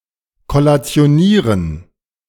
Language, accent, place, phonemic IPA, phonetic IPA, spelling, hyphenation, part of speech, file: German, Germany, Berlin, /kɔlatsi̯oˈniːʁən/, [kɔlat͡si̯oˈniːʁən], kollationieren, kol‧la‧ti‧o‧nie‧ren, verb, De-kollationieren.ogg
- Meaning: to collate